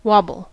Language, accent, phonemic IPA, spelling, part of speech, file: English, US, /ˈwɑbl̩/, wobble, noun / verb, En-us-wobble.ogg
- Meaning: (noun) 1. An unsteady motion 2. A tremulous sound 3. A low-frequency oscillation sometimes used in dubstep 4. A variation in the third nucleotide of a codon that codes for a specific aminoacid